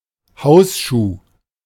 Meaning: slipper (an indoor slipper kind of shoe to be worn inside the house. In the Germanosphere it is not common to walk around inside the house in street shoes.)
- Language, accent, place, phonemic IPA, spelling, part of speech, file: German, Germany, Berlin, /ˈhaʊ̯sʃuː/, Hausschuh, noun, De-Hausschuh.ogg